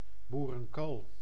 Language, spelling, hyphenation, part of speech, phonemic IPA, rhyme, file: Dutch, boerenkool, boe‧ren‧kool, noun, /ˌbu.rə(n)ˈkoːl/, -oːl, Nl-boerenkool.ogg
- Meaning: kale, curly kale, one of several cultivars of Brassica oleracea